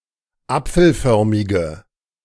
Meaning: inflection of apfelförmig: 1. strong/mixed nominative/accusative feminine singular 2. strong nominative/accusative plural 3. weak nominative all-gender singular
- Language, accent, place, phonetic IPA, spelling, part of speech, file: German, Germany, Berlin, [ˈap͡fl̩ˌfœʁmɪɡə], apfelförmige, adjective, De-apfelförmige.ogg